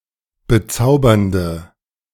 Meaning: inflection of bezaubernd: 1. strong/mixed nominative/accusative feminine singular 2. strong nominative/accusative plural 3. weak nominative all-gender singular
- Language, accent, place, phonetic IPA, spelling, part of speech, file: German, Germany, Berlin, [bəˈt͡saʊ̯bɐndə], bezaubernde, adjective, De-bezaubernde.ogg